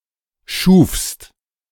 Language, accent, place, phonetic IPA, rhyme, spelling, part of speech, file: German, Germany, Berlin, [ʃuːfst], -uːfst, schufst, verb, De-schufst.ogg
- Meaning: second-person singular preterite of schaffen